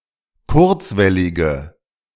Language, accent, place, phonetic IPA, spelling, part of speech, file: German, Germany, Berlin, [ˈkʊʁt͡svɛlɪɡə], kurzwellige, adjective, De-kurzwellige.ogg
- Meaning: inflection of kurzwellig: 1. strong/mixed nominative/accusative feminine singular 2. strong nominative/accusative plural 3. weak nominative all-gender singular